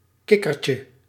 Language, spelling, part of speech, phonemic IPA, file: Dutch, kikkertje, noun, /ˈkɪkərcə/, Nl-kikkertje.ogg
- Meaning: diminutive of kikker